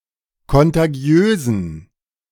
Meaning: inflection of kontagiös: 1. strong genitive masculine/neuter singular 2. weak/mixed genitive/dative all-gender singular 3. strong/weak/mixed accusative masculine singular 4. strong dative plural
- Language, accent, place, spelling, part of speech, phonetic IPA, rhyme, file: German, Germany, Berlin, kontagiösen, adjective, [kɔntaˈɡi̯øːzn̩], -øːzn̩, De-kontagiösen.ogg